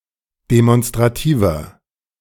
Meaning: 1. comparative degree of demonstrativ 2. inflection of demonstrativ: strong/mixed nominative masculine singular 3. inflection of demonstrativ: strong genitive/dative feminine singular
- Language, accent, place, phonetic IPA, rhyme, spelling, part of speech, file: German, Germany, Berlin, [demɔnstʁaˈtiːvɐ], -iːvɐ, demonstrativer, adjective, De-demonstrativer.ogg